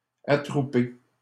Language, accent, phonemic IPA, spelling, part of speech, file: French, Canada, /a.tʁu.pe/, attrouper, verb, LL-Q150 (fra)-attrouper.wav
- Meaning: to gather (a group of people) together, to assemble